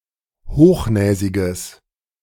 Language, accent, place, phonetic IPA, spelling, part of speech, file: German, Germany, Berlin, [ˈhoːxˌnɛːzɪɡəs], hochnäsiges, adjective, De-hochnäsiges.ogg
- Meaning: strong/mixed nominative/accusative neuter singular of hochnäsig